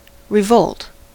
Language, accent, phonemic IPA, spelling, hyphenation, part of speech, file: English, US, /ɹɪˈvoʊlt/, revolt, re‧volt, verb / noun, En-us-revolt.ogg
- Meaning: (verb) 1. To rebel, particularly against authority 2. To repel greatly 3. To be disgusted, shocked, or grossly offended; hence, to feel nausea; used with at